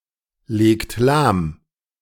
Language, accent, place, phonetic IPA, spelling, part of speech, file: German, Germany, Berlin, [ˌleːkt ˈlaːm], legt lahm, verb, De-legt lahm.ogg
- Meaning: inflection of lahmlegen: 1. second-person plural present 2. third-person singular present 3. plural imperative